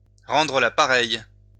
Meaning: 1. to return the favor [with à ‘to someone’] (in a favorable sense) 2. to pay back in kind, to pay back in someone's own coin, to get one's own back on [with à ‘someone’] (in an unfavorable sense)
- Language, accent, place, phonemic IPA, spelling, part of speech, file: French, France, Lyon, /ʁɑ̃.dʁə la pa.ʁɛj/, rendre la pareille, verb, LL-Q150 (fra)-rendre la pareille.wav